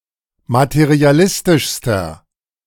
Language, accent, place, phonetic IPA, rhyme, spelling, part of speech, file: German, Germany, Berlin, [matəʁiaˈlɪstɪʃstɐ], -ɪstɪʃstɐ, materialistischster, adjective, De-materialistischster.ogg
- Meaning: inflection of materialistisch: 1. strong/mixed nominative masculine singular superlative degree 2. strong genitive/dative feminine singular superlative degree